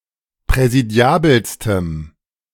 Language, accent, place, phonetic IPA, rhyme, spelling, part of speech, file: German, Germany, Berlin, [pʁɛziˈdi̯aːbl̩stəm], -aːbl̩stəm, präsidiabelstem, adjective, De-präsidiabelstem.ogg
- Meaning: strong dative masculine/neuter singular superlative degree of präsidiabel